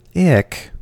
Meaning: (interjection) An exclamation of disgust; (noun) 1. Something distasteful or physically unpleasant to touch 2. A feeling of revulsion 3. Anything moaned about; a gripe
- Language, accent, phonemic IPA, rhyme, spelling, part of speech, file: English, US, /ɪk/, -ɪk, ick, interjection / noun / adjective, En-us-ick.ogg